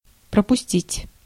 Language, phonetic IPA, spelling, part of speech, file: Russian, [prəpʊˈsʲtʲitʲ], пропустить, verb, Ru-пропустить.ogg
- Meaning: 1. to let pass in, to let pass through, to admit 2. to run through, to pass through 3. to omit, to leave out 4. to miss, to skip, to fail to attend, to let slip